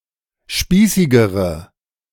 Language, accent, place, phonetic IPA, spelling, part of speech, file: German, Germany, Berlin, [ˈʃpiːsɪɡəʁə], spießigere, adjective, De-spießigere.ogg
- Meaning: inflection of spießig: 1. strong/mixed nominative/accusative feminine singular comparative degree 2. strong nominative/accusative plural comparative degree